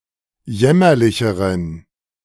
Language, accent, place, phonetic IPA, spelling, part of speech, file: German, Germany, Berlin, [ˈjɛmɐlɪçəʁən], jämmerlicheren, adjective, De-jämmerlicheren.ogg
- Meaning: inflection of jämmerlich: 1. strong genitive masculine/neuter singular comparative degree 2. weak/mixed genitive/dative all-gender singular comparative degree